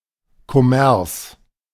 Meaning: jamboree, a party in the beer hall after the tasks of the day have been finished; commercium
- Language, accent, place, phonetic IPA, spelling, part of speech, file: German, Germany, Berlin, [kʰoˈmɛrs], Kommers, noun, De-Kommers.ogg